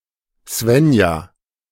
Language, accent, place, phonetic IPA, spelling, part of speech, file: German, Germany, Berlin, [ˈzvɛnja], Swenja, proper noun, De-Swenja.ogg
- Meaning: a female given name, a less common variant of Svenja